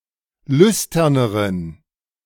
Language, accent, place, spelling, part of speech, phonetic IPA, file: German, Germany, Berlin, lüsterneren, adjective, [ˈlʏstɐnəʁən], De-lüsterneren.ogg
- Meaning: inflection of lüstern: 1. strong genitive masculine/neuter singular comparative degree 2. weak/mixed genitive/dative all-gender singular comparative degree